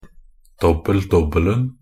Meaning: definite singular of dobbel-dobbel
- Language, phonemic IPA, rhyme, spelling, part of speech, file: Norwegian Bokmål, /ˈdɔbːəl.dɔbːəln̩/, -əln̩, dobbel-dobbelen, noun, Nb-dobbel-dobbelen.ogg